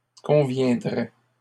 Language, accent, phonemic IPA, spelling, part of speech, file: French, Canada, /kɔ̃.vjɛ̃.dʁɛ/, conviendrait, verb, LL-Q150 (fra)-conviendrait.wav
- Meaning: third-person singular conditional of convenir